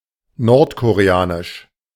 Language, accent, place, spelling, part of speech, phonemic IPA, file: German, Germany, Berlin, nordkoreanisch, adjective, /nɔʁtkoʁeˈaːnɪʃ/, De-nordkoreanisch.ogg
- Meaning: North Korean (of, from or relating to North Korea)